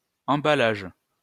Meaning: 1. wrapping (action of wrapping something up) 2. packaging (materials used for wrapping)
- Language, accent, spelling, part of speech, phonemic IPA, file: French, France, emballage, noun, /ɑ̃.ba.laʒ/, LL-Q150 (fra)-emballage.wav